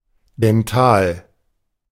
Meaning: dental
- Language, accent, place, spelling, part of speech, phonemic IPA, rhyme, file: German, Germany, Berlin, dental, adjective, /dɛnˈtaːl/, -aːl, De-dental.ogg